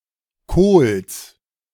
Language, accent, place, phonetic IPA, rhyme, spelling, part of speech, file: German, Germany, Berlin, [koːls], -oːls, Kohls, noun, De-Kohls.ogg
- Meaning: genitive singular of Kohl